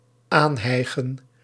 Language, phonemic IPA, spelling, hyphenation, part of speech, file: Dutch, /ˈaːnˌɦɛi̯.ɣə(n)/, aanhijgen, aan‧hij‧gen, verb, Nl-aanhijgen.ogg
- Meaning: 1. to arrive or approach while gasping 2. to shout while panting